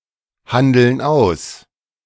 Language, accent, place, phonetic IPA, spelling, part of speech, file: German, Germany, Berlin, [ˌhandl̩n ˈaʊ̯s], handeln aus, verb, De-handeln aus.ogg
- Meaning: inflection of aushandeln: 1. first/third-person plural present 2. first/third-person plural subjunctive I